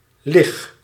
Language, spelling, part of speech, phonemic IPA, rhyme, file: Dutch, lig, verb, /lɪx/, -ɪx, Nl-lig.ogg
- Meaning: inflection of liggen: 1. first-person singular present indicative 2. second-person singular present indicative 3. imperative